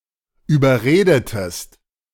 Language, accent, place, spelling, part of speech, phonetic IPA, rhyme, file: German, Germany, Berlin, überredetest, verb, [yːbɐˈʁeːdətəst], -eːdətəst, De-überredetest.ogg
- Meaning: inflection of überreden: 1. second-person singular preterite 2. second-person singular subjunctive II